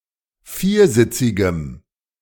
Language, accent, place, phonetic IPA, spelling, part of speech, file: German, Germany, Berlin, [ˈfiːɐ̯ˌzɪt͡sɪɡəm], viersitzigem, adjective, De-viersitzigem.ogg
- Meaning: strong dative masculine/neuter singular of viersitzig